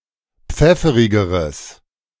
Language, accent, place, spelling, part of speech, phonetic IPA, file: German, Germany, Berlin, pfefferigeres, adjective, [ˈp͡fɛfəʁɪɡəʁəs], De-pfefferigeres.ogg
- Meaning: strong/mixed nominative/accusative neuter singular comparative degree of pfefferig